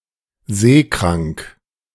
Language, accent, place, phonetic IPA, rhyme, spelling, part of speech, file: German, Germany, Berlin, [ˈzeːˌkʁaŋk], -eːkʁaŋk, seekrank, adjective, De-seekrank.ogg
- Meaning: seasick